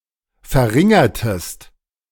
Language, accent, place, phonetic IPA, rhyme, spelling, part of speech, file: German, Germany, Berlin, [fɛɐ̯ˈʁɪŋɐtəst], -ɪŋɐtəst, verringertest, verb, De-verringertest.ogg
- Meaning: inflection of verringern: 1. second-person singular preterite 2. second-person singular subjunctive II